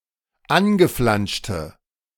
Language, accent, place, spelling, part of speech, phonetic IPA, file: German, Germany, Berlin, angeflanschte, adjective, [ˈanɡəˌflanʃtə], De-angeflanschte.ogg
- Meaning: inflection of angeflanscht: 1. strong/mixed nominative/accusative feminine singular 2. strong nominative/accusative plural 3. weak nominative all-gender singular